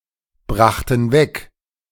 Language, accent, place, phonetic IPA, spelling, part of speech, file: German, Germany, Berlin, [ˌbʁaxtn̩ ˈvɛk], brachten weg, verb, De-brachten weg.ogg
- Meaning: first/third-person plural preterite of wegbringen